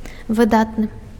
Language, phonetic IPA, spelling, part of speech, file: Belarusian, [vɨˈdatnɨ], выдатны, adjective, Be-выдатны.ogg
- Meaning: 1. splendid, excellent, brilliant (of a very high standard or exceptionally good) 2. famous, outstanding, remarkable (well known or worthy of remark)